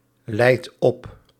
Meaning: inflection of opleiden: 1. second/third-person singular present indicative 2. plural imperative
- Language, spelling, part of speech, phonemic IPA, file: Dutch, leidt op, verb, /ˈlɛit ˈɔp/, Nl-leidt op.ogg